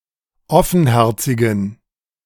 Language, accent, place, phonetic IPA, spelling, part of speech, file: German, Germany, Berlin, [ˈɔfn̩ˌhɛʁt͡sɪɡn̩], offenherzigen, adjective, De-offenherzigen.ogg
- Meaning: inflection of offenherzig: 1. strong genitive masculine/neuter singular 2. weak/mixed genitive/dative all-gender singular 3. strong/weak/mixed accusative masculine singular 4. strong dative plural